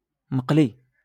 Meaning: fried (cooked by frying)
- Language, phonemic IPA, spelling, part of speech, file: Moroccan Arabic, /maq.li/, مقلي, adjective, LL-Q56426 (ary)-مقلي.wav